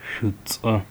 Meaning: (adjective) black; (noun) a Arab person
- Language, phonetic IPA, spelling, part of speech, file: Adyghe, [ʃʷʼət͡sʼa], шӏуцӏэ, adjective / noun, Ʃʷʼət͡sʼa.ogg